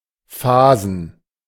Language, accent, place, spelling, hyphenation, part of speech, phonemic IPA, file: German, Germany, Berlin, fasen, fa‧sen, verb, /ˈfaːzn̩/, De-fasen.ogg
- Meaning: to chamfer